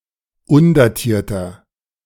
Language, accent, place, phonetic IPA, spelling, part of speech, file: German, Germany, Berlin, [ˈʊndaˌtiːɐ̯tɐ], undatierter, adjective, De-undatierter.ogg
- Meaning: inflection of undatiert: 1. strong/mixed nominative masculine singular 2. strong genitive/dative feminine singular 3. strong genitive plural